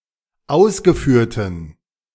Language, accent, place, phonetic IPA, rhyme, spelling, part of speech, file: German, Germany, Berlin, [ˈaʊ̯sɡəˌfyːɐ̯tn̩], -aʊ̯sɡəfyːɐ̯tn̩, ausgeführten, adjective, De-ausgeführten.ogg
- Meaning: inflection of ausgeführt: 1. strong genitive masculine/neuter singular 2. weak/mixed genitive/dative all-gender singular 3. strong/weak/mixed accusative masculine singular 4. strong dative plural